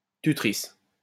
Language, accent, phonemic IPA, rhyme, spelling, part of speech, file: French, France, /ty.tʁis/, -is, tutrice, noun, LL-Q150 (fra)-tutrice.wav
- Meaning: female equivalent of tuteur